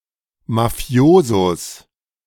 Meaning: genitive singular of Mafioso
- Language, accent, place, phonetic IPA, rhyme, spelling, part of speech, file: German, Germany, Berlin, [maˈfi̯oːzos], -oːzos, Mafiosos, noun, De-Mafiosos.ogg